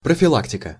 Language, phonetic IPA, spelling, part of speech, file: Russian, [prəfʲɪˈɫaktʲɪkə], профилактика, noun, Ru-профилактика.ogg
- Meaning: 1. prevention, preventive measures, precautions, prophylaxis 2. short form of профилактические работы; maintenance, technical difficulties